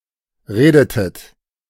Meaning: inflection of reden: 1. second-person plural preterite 2. second-person plural subjunctive II
- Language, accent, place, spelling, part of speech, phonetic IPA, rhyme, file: German, Germany, Berlin, redetet, verb, [ˈʁeːdətət], -eːdətət, De-redetet.ogg